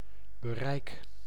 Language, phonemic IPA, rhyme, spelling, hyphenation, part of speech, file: Dutch, /bəˈrɛi̯k/, -ɛi̯k, bereik, be‧reik, noun / verb, Nl-bereik.ogg
- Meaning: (noun) 1. reach (a continuous extent of water) 2. compass (area); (verb) inflection of bereiken: 1. first-person singular present indicative 2. second-person singular present indicative 3. imperative